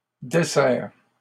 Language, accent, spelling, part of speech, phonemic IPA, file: French, Canada, dessers, verb, /de.sɛʁ/, LL-Q150 (fra)-dessers.wav
- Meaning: inflection of desservir: 1. first/second-person singular present indicative 2. second-person singular imperative